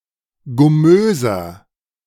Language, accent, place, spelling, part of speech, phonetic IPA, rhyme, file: German, Germany, Berlin, gummöser, adjective, [ɡʊˈmøːzɐ], -øːzɐ, De-gummöser.ogg
- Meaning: inflection of gummös: 1. strong/mixed nominative masculine singular 2. strong genitive/dative feminine singular 3. strong genitive plural